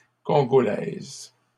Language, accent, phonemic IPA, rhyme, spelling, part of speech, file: French, Canada, /kɔ̃.ɡɔ.lɛz/, -ɛz, congolaise, adjective, LL-Q150 (fra)-congolaise.wav
- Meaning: feminine singular of congolais